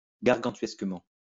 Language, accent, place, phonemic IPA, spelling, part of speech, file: French, France, Lyon, /ɡaʁ.ɡɑ̃.tɥɛs.kə.mɑ̃/, gargantuesquement, adverb, LL-Q150 (fra)-gargantuesquement.wav
- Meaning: gargantuanly